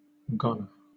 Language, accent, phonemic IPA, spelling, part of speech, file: English, Southern England, /ˈɡɒnə(ɹ)/, goner, noun, LL-Q1860 (eng)-goner.wav
- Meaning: 1. Someone (or something) doomed; a hopeless case, especially someone who is bound to die soon 2. A ball hit out of the playing area for a home run